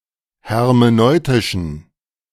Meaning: inflection of hermeneutisch: 1. strong genitive masculine/neuter singular 2. weak/mixed genitive/dative all-gender singular 3. strong/weak/mixed accusative masculine singular 4. strong dative plural
- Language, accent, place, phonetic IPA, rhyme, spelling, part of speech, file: German, Germany, Berlin, [hɛʁmeˈnɔɪ̯tɪʃn̩], -ɔɪ̯tɪʃn̩, hermeneutischen, adjective, De-hermeneutischen.ogg